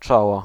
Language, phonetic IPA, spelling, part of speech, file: Polish, [ˈt͡ʃɔwɔ], czoło, noun, Pl-czoło.ogg